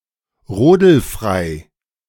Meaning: let off school because of snowy weather
- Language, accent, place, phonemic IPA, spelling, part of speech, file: German, Germany, Berlin, /ˈʁoːdl̩ˌfʁaɪ̯/, rodelfrei, adjective, De-rodelfrei.ogg